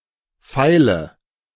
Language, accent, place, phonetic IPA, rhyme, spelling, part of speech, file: German, Germany, Berlin, [ˈfaɪ̯lə], -aɪ̯lə, feile, adjective / verb, De-feile.ogg
- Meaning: inflection of feilen: 1. first-person singular present 2. singular imperative 3. first/third-person singular subjunctive I